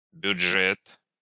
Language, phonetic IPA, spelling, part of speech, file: Russian, [bʲʊd͡ʐˈʐɛt], бюджет, noun, Ru-бюджет.ogg
- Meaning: budget